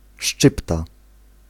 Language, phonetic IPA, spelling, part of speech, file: Polish, [ˈʃt͡ʃɨpta], szczypta, noun, Pl-szczypta.ogg